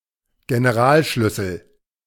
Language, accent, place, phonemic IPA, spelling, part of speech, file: German, Germany, Berlin, /ɡɛnɛʁˈaːlˌʃlyˑsəl/, Generalschlüssel, noun, De-Generalschlüssel.ogg
- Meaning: master key (a key that opens a set of several locks)